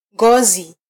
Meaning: 1. skin 2. hide, leather
- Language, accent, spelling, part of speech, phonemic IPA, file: Swahili, Kenya, ngozi, noun, /ˈᵑɡɔ.zi/, Sw-ke-ngozi.flac